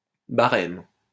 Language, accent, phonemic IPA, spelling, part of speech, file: French, France, /ba.ʁɛm/, barème, noun, LL-Q150 (fra)-barème.wav
- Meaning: 1. scale (used to assess magnitude) 2. schedule (linking two types of measurement)